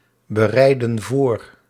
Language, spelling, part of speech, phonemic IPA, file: Dutch, bereiden voor, verb, /bəˈrɛidə(n) ˈvor/, Nl-bereiden voor.ogg
- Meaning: inflection of voorbereiden: 1. plural present indicative 2. plural present subjunctive